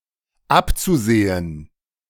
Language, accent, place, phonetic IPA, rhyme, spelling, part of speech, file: German, Germany, Berlin, [ˈapt͡suˌzeːən], -apt͡suzeːən, abzusehen, verb, De-abzusehen.ogg
- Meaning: zu-infinitive of absehen